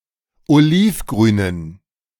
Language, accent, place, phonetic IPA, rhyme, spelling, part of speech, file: German, Germany, Berlin, [oˈliːfˌɡʁyːnən], -iːfɡʁyːnən, olivgrünen, adjective, De-olivgrünen.ogg
- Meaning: inflection of olivgrün: 1. strong genitive masculine/neuter singular 2. weak/mixed genitive/dative all-gender singular 3. strong/weak/mixed accusative masculine singular 4. strong dative plural